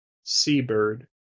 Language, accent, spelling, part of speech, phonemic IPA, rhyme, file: English, US, sea bird, noun, /ˈsiːbɜː(ɹ)d/, -iːbɜː(ɹ)d, En-us-seabird.wav
- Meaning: Alternative spelling of seabird